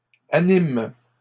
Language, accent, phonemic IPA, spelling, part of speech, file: French, Canada, /a.nim/, animent, verb, LL-Q150 (fra)-animent.wav
- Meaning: third-person plural present indicative/subjunctive of animer